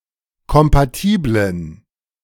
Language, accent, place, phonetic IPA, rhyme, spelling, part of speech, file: German, Germany, Berlin, [kɔmpaˈtiːblən], -iːblən, kompatiblen, adjective, De-kompatiblen.ogg
- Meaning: inflection of kompatibel: 1. strong genitive masculine/neuter singular 2. weak/mixed genitive/dative all-gender singular 3. strong/weak/mixed accusative masculine singular 4. strong dative plural